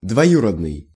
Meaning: denotes a relative in the same generation as the head noun but one degree greater in separation
- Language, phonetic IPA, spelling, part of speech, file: Russian, [dvɐˈjurədnɨj], двоюродный, adjective, Ru-двоюродный.ogg